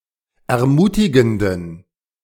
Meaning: inflection of ermutigend: 1. strong genitive masculine/neuter singular 2. weak/mixed genitive/dative all-gender singular 3. strong/weak/mixed accusative masculine singular 4. strong dative plural
- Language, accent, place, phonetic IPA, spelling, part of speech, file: German, Germany, Berlin, [ɛɐ̯ˈmuːtɪɡn̩dən], ermutigenden, adjective, De-ermutigenden.ogg